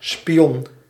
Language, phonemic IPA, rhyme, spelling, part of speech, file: Dutch, /spiˈɔn/, -ɔn, spion, noun, Nl-spion.ogg
- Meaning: 1. spy, person who secretly gathers information 2. a dog breed for the partridge hunt 3. peephole